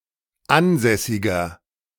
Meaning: inflection of ansässig: 1. strong/mixed nominative masculine singular 2. strong genitive/dative feminine singular 3. strong genitive plural
- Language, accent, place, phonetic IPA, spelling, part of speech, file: German, Germany, Berlin, [ˈanˌzɛsɪɡɐ], ansässiger, adjective, De-ansässiger.ogg